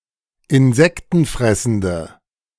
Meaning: inflection of insektenfressend: 1. strong/mixed nominative/accusative feminine singular 2. strong nominative/accusative plural 3. weak nominative all-gender singular
- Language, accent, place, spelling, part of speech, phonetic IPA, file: German, Germany, Berlin, insektenfressende, adjective, [ɪnˈzɛktn̩ˌfʁɛsn̩də], De-insektenfressende.ogg